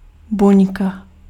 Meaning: cell (basic unit of a living organism)
- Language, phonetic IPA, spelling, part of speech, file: Czech, [ˈbuɲka], buňka, noun, Cs-buňka.ogg